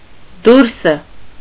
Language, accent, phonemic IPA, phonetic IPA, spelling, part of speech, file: Armenian, Eastern Armenian, /ˈduɾsə/, [dúɾsə], դուրսը, noun, Hy-դուրսը.ogg
- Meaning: definite nominative singular of դուրս (durs)